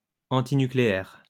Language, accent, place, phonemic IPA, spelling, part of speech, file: French, France, Lyon, /ɑ̃.ti.ny.kle.ɛʁ/, antinucléaire, adjective, LL-Q150 (fra)-antinucléaire.wav
- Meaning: antinuclear